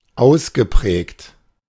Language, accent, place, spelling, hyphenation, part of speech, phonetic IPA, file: German, Germany, Berlin, ausgeprägt, aus‧ge‧prägt, verb / adjective, [ˈʔaʊ̯sɡəˌpʁɛːkt], De-ausgeprägt.ogg
- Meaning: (verb) past participle of ausprägen; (adjective) 1. distinct, distinctive 2. pronounced, marked